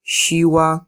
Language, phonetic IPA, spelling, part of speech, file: Polish, [ˈɕiwa], siła, noun / numeral, Pl-siła.ogg